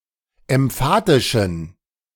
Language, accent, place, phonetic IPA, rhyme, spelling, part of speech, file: German, Germany, Berlin, [ɛmˈfaːtɪʃn̩], -aːtɪʃn̩, emphatischen, adjective, De-emphatischen.ogg
- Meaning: inflection of emphatisch: 1. strong genitive masculine/neuter singular 2. weak/mixed genitive/dative all-gender singular 3. strong/weak/mixed accusative masculine singular 4. strong dative plural